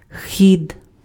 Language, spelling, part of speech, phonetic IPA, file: Ukrainian, хід, noun, [xʲid], Uk-хід.ogg
- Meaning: 1. course 2. pace 3. gait